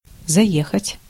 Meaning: 1. to call in on the way 2. to drive into
- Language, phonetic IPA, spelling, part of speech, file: Russian, [zɐˈjexətʲ], заехать, verb, Ru-заехать.ogg